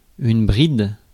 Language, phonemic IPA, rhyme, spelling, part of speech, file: French, /bʁid/, -id, bride, noun / verb, Fr-bride.ogg
- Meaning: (noun) 1. bridle 2. strap 3. loop (of a button); bride (of lace) 4. adhesion 5. flange; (verb) inflection of brider: first/third-person singular present indicative/subjunctive